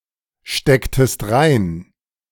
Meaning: inflection of reinstecken: 1. second-person singular preterite 2. second-person singular subjunctive II
- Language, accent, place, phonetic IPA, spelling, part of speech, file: German, Germany, Berlin, [ˌʃtɛktəst ˈʁaɪ̯n], stecktest rein, verb, De-stecktest rein.ogg